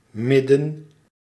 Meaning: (noun) middle, centre; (adverb) in the middle
- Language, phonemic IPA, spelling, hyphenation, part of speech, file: Dutch, /ˈmɪdə(n)/, midden, mid‧den, noun / adverb, Nl-midden.ogg